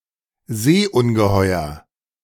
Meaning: 1. sea monster 2. lake monster
- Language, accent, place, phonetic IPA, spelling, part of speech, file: German, Germany, Berlin, [ˈzeːʔʊnɡəˌhɔɪ̯ɐ], Seeungeheuer, noun, De-Seeungeheuer.ogg